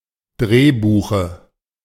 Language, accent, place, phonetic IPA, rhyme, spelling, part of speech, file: German, Germany, Berlin, [ˈdʁeːˌbuːxə], -eːbuːxə, Drehbuche, noun, De-Drehbuche.ogg
- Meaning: dative singular of Drehbuch